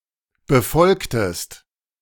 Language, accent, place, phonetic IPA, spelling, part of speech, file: German, Germany, Berlin, [bəˈfɔlktəst], befolgtest, verb, De-befolgtest.ogg
- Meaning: inflection of befolgen: 1. second-person singular preterite 2. second-person singular subjunctive II